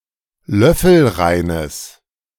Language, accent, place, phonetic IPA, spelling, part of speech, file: German, Germany, Berlin, [ˈlœfl̩ˌʁaɪ̯nəs], löffelreines, adjective, De-löffelreines.ogg
- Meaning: strong/mixed nominative/accusative neuter singular of löffelrein